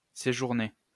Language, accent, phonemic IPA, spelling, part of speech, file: French, France, /se.ʒuʁ.ne/, séjourner, verb, LL-Q150 (fra)-séjourner.wav
- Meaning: to stay, to sojourn